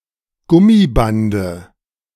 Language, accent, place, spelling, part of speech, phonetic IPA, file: German, Germany, Berlin, Gummibande, noun, [ˈɡʊmiˌbandə], De-Gummibande.ogg
- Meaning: dative singular of Gummiband